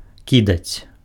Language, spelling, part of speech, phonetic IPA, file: Belarusian, кідаць, verb, [ˈkʲidat͡sʲ], Be-кідаць.ogg
- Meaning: to throw